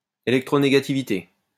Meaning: electronegativity
- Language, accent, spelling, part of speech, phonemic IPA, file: French, France, électronégativité, noun, /e.lɛk.tʁo.ne.ɡa.ti.vi.te/, LL-Q150 (fra)-électronégativité.wav